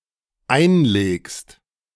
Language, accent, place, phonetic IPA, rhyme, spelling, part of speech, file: German, Germany, Berlin, [ˈaɪ̯nˌleːkst], -aɪ̯nleːkst, einlegst, verb, De-einlegst.ogg
- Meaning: second-person singular dependent present of einlegen